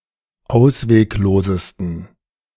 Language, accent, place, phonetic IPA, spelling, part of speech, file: German, Germany, Berlin, [ˈaʊ̯sveːkˌloːzəstn̩], ausweglosesten, adjective, De-ausweglosesten.ogg
- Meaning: 1. superlative degree of ausweglos 2. inflection of ausweglos: strong genitive masculine/neuter singular superlative degree